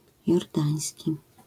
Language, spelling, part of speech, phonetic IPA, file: Polish, jordański, adjective, [jɔrˈdãj̃sʲci], LL-Q809 (pol)-jordański.wav